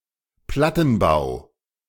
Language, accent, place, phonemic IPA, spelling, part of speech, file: German, Germany, Berlin, /ˈplatn̩ˌbaʊ̯/, Plattenbau, noun, De-Plattenbau.ogg
- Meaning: residental building made with precast concrete slabs